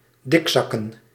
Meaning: plural of dikzak
- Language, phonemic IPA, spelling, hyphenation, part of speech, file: Dutch, /ˈdɪkˌsɑkə(n)/, dikzakken, dik‧zak‧ken, noun, Nl-dikzakken.ogg